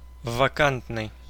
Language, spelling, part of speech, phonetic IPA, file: Russian, вакантный, adjective, [vɐˈkantnɨj], Ru-вакантный.ogg
- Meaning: vacant, unoccupied (of a position or post)